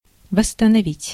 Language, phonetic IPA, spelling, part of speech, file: Russian, [vəsːtənɐˈvʲitʲ], восстановить, verb, Ru-восстановить.ogg
- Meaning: 1. to restore, to reestablish, to reinstate 2. to recover, to recuperate 3. to regain, to retrieve 4. to regenerate, to reclaim 5. to reconstruct, to rebuild 6. to repair, to revive 7. to reinstall